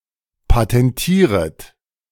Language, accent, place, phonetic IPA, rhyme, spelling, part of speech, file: German, Germany, Berlin, [patɛnˈtiːʁət], -iːʁət, patentieret, verb, De-patentieret.ogg
- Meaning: second-person plural subjunctive I of patentieren